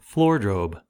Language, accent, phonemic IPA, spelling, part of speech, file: English, US, /ˈflɔɹdɹoʊb/, floordrobe, noun, En-us-floordrobe.ogg
- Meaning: Clothing strewn on the floor